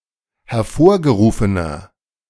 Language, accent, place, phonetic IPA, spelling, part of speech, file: German, Germany, Berlin, [hɛɐ̯ˈfoːɐ̯ɡəˌʁuːfənɐ], hervorgerufener, adjective, De-hervorgerufener.ogg
- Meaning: inflection of hervorgerufen: 1. strong/mixed nominative masculine singular 2. strong genitive/dative feminine singular 3. strong genitive plural